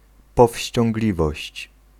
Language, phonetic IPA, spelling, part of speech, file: Polish, [ˌpɔfʲɕt͡ɕɔ̃ŋɡˈlʲivɔɕt͡ɕ], powściągliwość, noun, Pl-powściągliwość.ogg